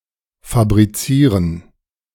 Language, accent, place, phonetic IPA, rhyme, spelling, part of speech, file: German, Germany, Berlin, [fabʁiˈt͡siːʁən], -iːʁən, fabrizieren, verb, De-fabrizieren.ogg
- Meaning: to fabricate